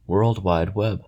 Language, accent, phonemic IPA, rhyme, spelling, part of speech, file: English, General American, /ˈwɝld ˌwaɪd ˈwɛb/, -ɛb, World Wide Web, proper noun, En-us-World-Wide-Web.ogg